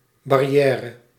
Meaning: barrier
- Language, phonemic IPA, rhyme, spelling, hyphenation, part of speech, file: Dutch, /ˌbɑ.riˈɛː.rə/, -ɛːrə, barrière, bar‧ri‧è‧re, noun, Nl-barrière.ogg